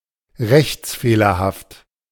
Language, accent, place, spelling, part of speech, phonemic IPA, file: German, Germany, Berlin, rechtsfehlerhaft, adjective, /ˈʁɛçt͡sˌfeːlɐhaft/, De-rechtsfehlerhaft.ogg
- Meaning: legally erroneous